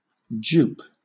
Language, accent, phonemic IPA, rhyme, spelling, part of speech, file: English, Southern England, /d͡ʒuːp/, -uːp, jupe, noun / verb, LL-Q1860 (eng)-jupe.wav
- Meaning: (noun) A block placed on a server, nickname or channel; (verb) To block a server (from joining the network) or a nickname or channel (from being used)